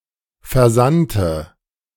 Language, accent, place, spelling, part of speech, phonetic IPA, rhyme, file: German, Germany, Berlin, versandte, adjective / verb, [fɛɐ̯ˈzantə], -antə, De-versandte.ogg
- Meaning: first/third-person singular subjunctive II of versenden